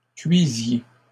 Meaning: inflection of cuire: 1. second-person plural imperfect indicative 2. second-person plural present subjunctive
- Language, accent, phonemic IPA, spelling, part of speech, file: French, Canada, /kɥi.zje/, cuisiez, verb, LL-Q150 (fra)-cuisiez.wav